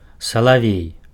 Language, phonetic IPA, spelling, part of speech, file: Belarusian, [saɫaˈvʲej], салавей, noun, Be-салавей.ogg
- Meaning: nightingale